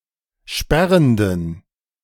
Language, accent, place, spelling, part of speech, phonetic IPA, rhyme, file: German, Germany, Berlin, sperrenden, adjective, [ˈʃpɛʁəndn̩], -ɛʁəndn̩, De-sperrenden.ogg
- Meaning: inflection of sperrend: 1. strong genitive masculine/neuter singular 2. weak/mixed genitive/dative all-gender singular 3. strong/weak/mixed accusative masculine singular 4. strong dative plural